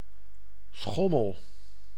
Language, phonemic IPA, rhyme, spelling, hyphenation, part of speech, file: Dutch, /ˈsxɔ.məl/, -ɔməl, schommel, schom‧mel, noun / verb, Nl-schommel.ogg
- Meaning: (noun) a swing; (verb) inflection of schommelen: 1. first-person singular present indicative 2. second-person singular present indicative 3. imperative